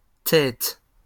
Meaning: plural of tête
- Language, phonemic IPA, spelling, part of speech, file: French, /tɛt/, têtes, noun, LL-Q150 (fra)-têtes.wav